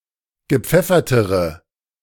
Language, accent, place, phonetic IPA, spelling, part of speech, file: German, Germany, Berlin, [ɡəˈp͡fɛfɐtəʁə], gepfeffertere, adjective, De-gepfeffertere.ogg
- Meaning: inflection of gepfeffert: 1. strong/mixed nominative/accusative feminine singular comparative degree 2. strong nominative/accusative plural comparative degree